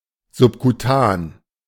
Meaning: subcutaneous
- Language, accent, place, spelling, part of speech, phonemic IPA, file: German, Germany, Berlin, subkutan, adjective, /zʊpkuˈtaːn/, De-subkutan.ogg